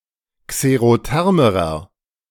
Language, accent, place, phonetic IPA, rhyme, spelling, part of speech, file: German, Germany, Berlin, [kseʁoˈtɛʁməʁɐ], -ɛʁməʁɐ, xerothermerer, adjective, De-xerothermerer.ogg
- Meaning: inflection of xerotherm: 1. strong/mixed nominative masculine singular comparative degree 2. strong genitive/dative feminine singular comparative degree 3. strong genitive plural comparative degree